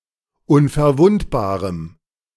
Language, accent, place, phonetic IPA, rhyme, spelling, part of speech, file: German, Germany, Berlin, [ʊnfɛɐ̯ˈvʊntbaːʁəm], -ʊntbaːʁəm, unverwundbarem, adjective, De-unverwundbarem.ogg
- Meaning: strong dative masculine/neuter singular of unverwundbar